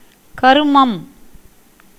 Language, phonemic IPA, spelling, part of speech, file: Tamil, /kɐɾʊmɐm/, கருமம், noun / interjection, Ta-கருமம்.ogg
- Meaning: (noun) 1. karma 2. fate, result of karma 3. action, work, deed 4. object of a verb 5. ceremonial rites (mostly associated with death) 6. an off-putting thing, entity, or action